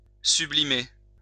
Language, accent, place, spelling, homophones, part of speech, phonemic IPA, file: French, France, Lyon, sublimer, sublimai / sublimé / sublimée / sublimées / sublimés / sublimez, verb, /sy.bli.me/, LL-Q150 (fra)-sublimer.wav
- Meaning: 1. to render sublime, make extraordinary 2. to sublimate (change from solid to gas)